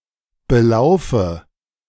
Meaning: inflection of belaufen: 1. first-person singular present 2. first/third-person singular subjunctive I 3. singular imperative
- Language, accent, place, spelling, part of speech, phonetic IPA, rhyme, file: German, Germany, Berlin, belaufe, verb, [bəˈlaʊ̯fə], -aʊ̯fə, De-belaufe.ogg